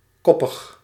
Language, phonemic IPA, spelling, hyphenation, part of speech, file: Dutch, /ˈkɔpəx/, koppig, kop‧pig, adjective, Nl-koppig.ogg
- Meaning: stubborn, obstinate